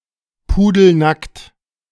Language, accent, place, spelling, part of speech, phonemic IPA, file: German, Germany, Berlin, pudelnackt, adjective, /ˈpuːdl̩ˌnakt/, De-pudelnackt.ogg
- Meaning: stark naked